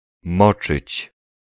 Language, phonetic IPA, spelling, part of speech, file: Polish, [ˈmɔt͡ʃɨt͡ɕ], moczyć, verb, Pl-moczyć.ogg